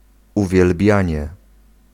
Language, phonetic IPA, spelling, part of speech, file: Polish, [ˌuvʲjɛlˈbʲjä̃ɲɛ], uwielbianie, noun, Pl-uwielbianie.ogg